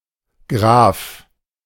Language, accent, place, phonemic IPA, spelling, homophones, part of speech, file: German, Germany, Berlin, /ɡʁaːf/, Graph, Graf, noun, De-Graph.ogg
- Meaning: 1. graph 2. glyph (symbol as the smallest unit in a text which has not yet been classified as a grapheme)